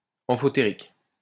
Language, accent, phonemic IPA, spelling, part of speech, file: French, France, /ɑ̃.fɔ.te.ʁik/, amphotérique, adjective, LL-Q150 (fra)-amphotérique.wav
- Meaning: amphoteric